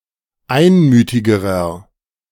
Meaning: inflection of einmütig: 1. strong/mixed nominative masculine singular comparative degree 2. strong genitive/dative feminine singular comparative degree 3. strong genitive plural comparative degree
- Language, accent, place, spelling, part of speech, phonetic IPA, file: German, Germany, Berlin, einmütigerer, adjective, [ˈaɪ̯nˌmyːtɪɡəʁɐ], De-einmütigerer.ogg